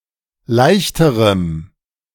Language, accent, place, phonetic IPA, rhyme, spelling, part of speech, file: German, Germany, Berlin, [ˈlaɪ̯çtəʁəm], -aɪ̯çtəʁəm, leichterem, adjective, De-leichterem.ogg
- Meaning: strong dative masculine/neuter singular comparative degree of leicht